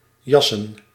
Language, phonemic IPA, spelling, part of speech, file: Dutch, /ˈjɑ.sə(n)/, jassen, noun / verb, Nl-jassen.ogg
- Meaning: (noun) plural of jas; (verb) 1. to peel 2. to rush (things), hurry through (something) hastily